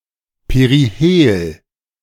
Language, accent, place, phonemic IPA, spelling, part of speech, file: German, Germany, Berlin, /peʁiˈheːl/, Perihel, noun, De-Perihel.ogg
- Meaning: perihelion